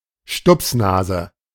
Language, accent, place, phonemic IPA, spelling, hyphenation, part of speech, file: German, Germany, Berlin, /ˈʃtʊpsˌnaːzə/, Stupsnase, Stups‧na‧se, noun, De-Stupsnase.ogg
- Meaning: button nose, snub nose